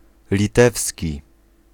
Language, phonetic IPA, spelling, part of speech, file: Polish, [lʲiˈtɛfsʲci], litewski, adjective / noun, Pl-litewski.ogg